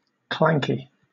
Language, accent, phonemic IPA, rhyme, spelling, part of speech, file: English, Southern England, /ˈklæŋki/, -æŋki, clanky, adjective, LL-Q1860 (eng)-clanky.wav
- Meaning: 1. Making a clanking metallic sound 2. Providing audible indication of imminent mechanical failure